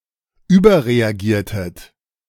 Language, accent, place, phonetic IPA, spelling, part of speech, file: German, Germany, Berlin, [ˈyːbɐʁeaˌɡiːɐ̯tət], überreagiertet, verb, De-überreagiertet.ogg
- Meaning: inflection of überreagieren: 1. second-person plural preterite 2. second-person plural subjunctive II